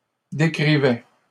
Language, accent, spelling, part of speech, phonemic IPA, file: French, Canada, décrivaient, verb, /de.kʁi.vɛ/, LL-Q150 (fra)-décrivaient.wav
- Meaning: third-person plural imperfect indicative of décrire